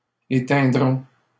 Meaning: first-person plural future of éteindre
- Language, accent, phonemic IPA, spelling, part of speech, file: French, Canada, /e.tɛ̃.dʁɔ̃/, éteindrons, verb, LL-Q150 (fra)-éteindrons.wav